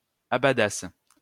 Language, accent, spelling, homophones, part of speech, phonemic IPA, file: French, France, abadassent, abadasse / abadasses, verb, /a.ba.das/, LL-Q150 (fra)-abadassent.wav
- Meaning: third-person plural imperfect subjunctive of abader